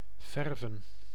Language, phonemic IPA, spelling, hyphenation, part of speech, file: Dutch, /ˈvɛr.və(n)/, verven, ver‧ven, verb, Nl-verven.ogg
- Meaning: to paint